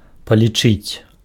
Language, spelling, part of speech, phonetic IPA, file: Belarusian, палічыць, verb, [palʲiˈt͡ʂɨt͡sʲ], Be-палічыць.ogg
- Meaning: to count